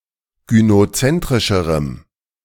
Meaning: strong dative masculine/neuter singular comparative degree of gynozentrisch
- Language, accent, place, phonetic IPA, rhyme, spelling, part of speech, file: German, Germany, Berlin, [ɡynoˈt͡sɛntʁɪʃəʁəm], -ɛntʁɪʃəʁəm, gynozentrischerem, adjective, De-gynozentrischerem.ogg